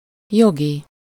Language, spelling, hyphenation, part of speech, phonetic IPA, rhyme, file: Hungarian, jogi, jo‧gi, adjective, [ˈjoɡi], -ɡi, Hu-jogi.ogg
- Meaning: legal (relating to the law or to lawyers; having its basis in the law)